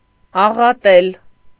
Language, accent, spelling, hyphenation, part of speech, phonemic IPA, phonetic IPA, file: Armenian, Eastern Armenian, աղատել, ա‧ղա‧տել, verb, /ɑʁɑˈtel/, [ɑʁɑtél], Hy-աղատել.ogg
- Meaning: to lament bitterly